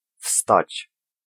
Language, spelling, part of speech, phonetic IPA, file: Polish, wstać, verb, [fstat͡ɕ], Pl-wstać.ogg